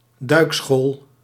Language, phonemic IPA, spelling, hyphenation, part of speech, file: Dutch, /ˈdœy̯k.sxoːl/, duikschool, duik‧school, noun, Nl-duikschool.ogg
- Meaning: diving school